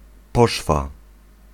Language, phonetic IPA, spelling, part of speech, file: Polish, [ˈpɔʃfa], poszwa, noun, Pl-poszwa.ogg